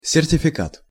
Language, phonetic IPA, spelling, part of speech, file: Russian, [sʲɪrtʲɪfʲɪˈkat], сертификат, noun, Ru-сертификат.ogg
- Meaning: certification (right)